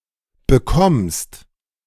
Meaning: second-person singular present of bekommen
- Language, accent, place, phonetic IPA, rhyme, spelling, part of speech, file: German, Germany, Berlin, [bəˈkɔmst], -ɔmst, bekommst, verb, De-bekommst.ogg